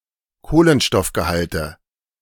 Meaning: nominative/accusative/genitive plural of Kohlenstoffgehalt
- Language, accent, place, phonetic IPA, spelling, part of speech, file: German, Germany, Berlin, [ˈkoːlənʃtɔfɡəˌhaltə], Kohlenstoffgehalte, noun, De-Kohlenstoffgehalte.ogg